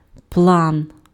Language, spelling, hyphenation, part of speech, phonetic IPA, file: Ukrainian, план, план, noun, [pɫan], Uk-план.ogg
- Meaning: 1. plan (set of intended actions), scheme 2. draft, plan, scheme, contrivance, road map 3. marijuana